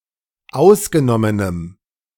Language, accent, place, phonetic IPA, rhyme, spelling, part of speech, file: German, Germany, Berlin, [ˈaʊ̯sɡəˌnɔmənəm], -aʊ̯sɡənɔmənəm, ausgenommenem, adjective, De-ausgenommenem.ogg
- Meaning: strong dative masculine/neuter singular of ausgenommen